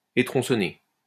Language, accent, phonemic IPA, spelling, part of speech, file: French, France, /e.tʁɔ̃.sɔ.ne/, étronçonner, verb, LL-Q150 (fra)-étronçonner.wav
- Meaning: to cut off branches; debranch